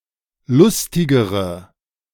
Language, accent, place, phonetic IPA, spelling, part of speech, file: German, Germany, Berlin, [ˈlʊstɪɡəʁə], lustigere, adjective, De-lustigere.ogg
- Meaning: inflection of lustig: 1. strong/mixed nominative/accusative feminine singular comparative degree 2. strong nominative/accusative plural comparative degree